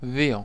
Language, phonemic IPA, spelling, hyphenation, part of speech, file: Greek, /ˈði.o/, δύο, δύ‧ο, numeral / noun, El-δύο.ogg
- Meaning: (numeral) two; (noun) two (playing card)